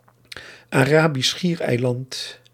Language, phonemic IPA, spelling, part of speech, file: Dutch, /aːˌraː.bis ˈsxiːr.ɛi̯ˌlɑnt/, Arabisch Schiereiland, proper noun, Nl-Arabisch Schiereiland.ogg
- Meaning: Arabian Peninsula (a peninsula of West Asia between the Red Sea and the Persian Gulf; includes Jordan, Saudi Arabia, Yemen, Oman, Qatar, Bahrain, Kuwait, and the United Arab Emirates)